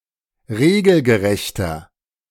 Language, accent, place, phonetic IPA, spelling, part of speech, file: German, Germany, Berlin, [ˈʁeːɡl̩ɡəˌʁɛçtɐ], regelgerechter, adjective, De-regelgerechter.ogg
- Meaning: inflection of regelgerecht: 1. strong/mixed nominative masculine singular 2. strong genitive/dative feminine singular 3. strong genitive plural